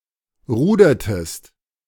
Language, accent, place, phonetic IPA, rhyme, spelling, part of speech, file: German, Germany, Berlin, [ˈʁuːdɐtəst], -uːdɐtəst, rudertest, verb, De-rudertest.ogg
- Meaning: inflection of rudern: 1. second-person singular preterite 2. second-person singular subjunctive II